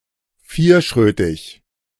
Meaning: burly, rough, coarse
- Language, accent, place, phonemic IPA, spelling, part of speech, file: German, Germany, Berlin, /ˈfiːɐ̯ˌʃʁøːtɪç/, vierschrötig, adjective, De-vierschrötig.ogg